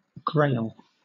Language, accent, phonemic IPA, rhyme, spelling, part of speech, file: English, Southern England, /ɡɹeɪl/, -eɪl, grail, noun, LL-Q1860 (eng)-grail.wav
- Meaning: 1. The Holy Grail 2. Something eagerly sought or quested for 3. A book of offices in the Roman Catholic Church; a gradual 4. Small particles of earth; gravel 5. One of the small feathers of a hawk